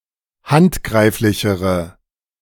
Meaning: inflection of handgreiflich: 1. strong/mixed nominative/accusative feminine singular comparative degree 2. strong nominative/accusative plural comparative degree
- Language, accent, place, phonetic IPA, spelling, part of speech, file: German, Germany, Berlin, [ˈhantˌɡʁaɪ̯flɪçəʁə], handgreiflichere, adjective, De-handgreiflichere.ogg